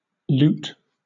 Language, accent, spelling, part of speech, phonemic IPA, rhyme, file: English, Southern England, loot, noun / verb, /luːt/, -uːt, LL-Q1860 (eng)-loot.wav
- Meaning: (noun) Synonym of booty, goods seized from an enemy by violence, particularly (historical) during the sacking of a town in war or (video games) after successful combat